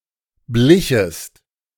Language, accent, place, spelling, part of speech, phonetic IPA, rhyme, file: German, Germany, Berlin, blichest, verb, [ˈblɪçəst], -ɪçəst, De-blichest.ogg
- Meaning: second-person singular subjunctive II of bleichen